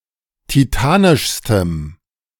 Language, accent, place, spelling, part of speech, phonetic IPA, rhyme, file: German, Germany, Berlin, titanischstem, adjective, [tiˈtaːnɪʃstəm], -aːnɪʃstəm, De-titanischstem.ogg
- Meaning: strong dative masculine/neuter singular superlative degree of titanisch